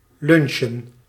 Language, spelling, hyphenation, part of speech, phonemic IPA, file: Dutch, lunchen, lun‧chen, verb / noun, /ˈlʏn.ʃə(n)/, Nl-lunchen.ogg
- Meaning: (verb) to (have) lunch; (noun) plural of lunch